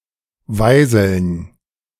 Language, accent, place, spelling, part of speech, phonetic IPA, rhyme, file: German, Germany, Berlin, Weiseln, noun, [ˈvaɪ̯zl̩n], -aɪ̯zl̩n, De-Weiseln.ogg
- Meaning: 1. dative plural of Weisel m 2. plural of Weisel f